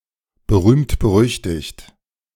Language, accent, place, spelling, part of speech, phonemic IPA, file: German, Germany, Berlin, berühmt-berüchtigt, adjective, /bəˌʁyːmt.bəˈʁʏç.tɪçt/, De-berühmt-berüchtigt.ogg
- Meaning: infamous, dubiously famous